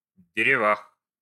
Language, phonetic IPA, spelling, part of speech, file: Russian, [dʲɪrʲɪˈvax], деревах, noun, Ru-дерева́х.ogg
- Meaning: prepositional plural of де́рево (dérevo)